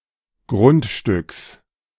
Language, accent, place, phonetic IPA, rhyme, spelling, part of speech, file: German, Germany, Berlin, [ˈɡʁʊntˌʃtʏks], -ʊntʃtʏks, Grundstücks, noun, De-Grundstücks.ogg
- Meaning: genitive singular of Grundstück